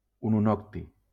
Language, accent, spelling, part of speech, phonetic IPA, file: Catalan, Valencia, ununocti, noun, [u.nuˈnɔk.ti], LL-Q7026 (cat)-ununocti.wav
- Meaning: ununoctium